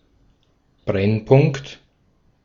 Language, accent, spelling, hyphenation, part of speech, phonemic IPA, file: German, Austria, Brennpunkt, Brenn‧punkt, noun, /ˈbʁɛnˌpʊŋkt/, De-at-Brennpunkt.ogg
- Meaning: 1. focus, focal point (point at which reflected or refracted rays of light converge) 2. focus (point of a conic at which rays reflected from a curve or surface converge) 3. focus